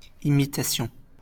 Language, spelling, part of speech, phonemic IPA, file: French, imitation, noun, /i.mi.ta.sjɔ̃/, LL-Q150 (fra)-imitation.wav
- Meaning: imitation